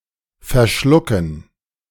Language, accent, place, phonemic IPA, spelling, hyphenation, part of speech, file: German, Germany, Berlin, /ferˈʃlʊkən/, verschlucken, ver‧schlu‧cken, verb, De-verschlucken.ogg
- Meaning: 1. to swallow, swallow up 2. to choke [with an (+ dative) ‘on something’], to get (something) down the wrong pipe (have food etc. enter into one's windpipe)